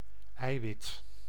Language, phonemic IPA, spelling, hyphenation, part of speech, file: Dutch, /ˈɛi̯.ʋɪt/, eiwit, ei‧wit, noun, Nl-eiwit.ogg
- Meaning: 1. egg white, albumen 2. protein (uncountable)